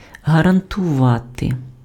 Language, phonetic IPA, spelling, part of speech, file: Ukrainian, [ɦɐrɐntʊˈʋate], гарантувати, verb, Uk-гарантувати.ogg
- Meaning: to guarantee